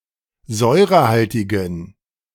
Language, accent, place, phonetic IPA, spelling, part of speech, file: German, Germany, Berlin, [ˈzɔɪ̯ʁəˌhaltɪɡn̩], säurehaltigen, adjective, De-säurehaltigen.ogg
- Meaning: inflection of säurehaltig: 1. strong genitive masculine/neuter singular 2. weak/mixed genitive/dative all-gender singular 3. strong/weak/mixed accusative masculine singular 4. strong dative plural